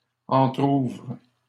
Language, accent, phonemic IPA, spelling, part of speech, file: French, Canada, /ɑ̃.tʁuvʁ/, entrouvres, verb, LL-Q150 (fra)-entrouvres.wav
- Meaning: second-person singular present indicative/subjunctive of entrouvrir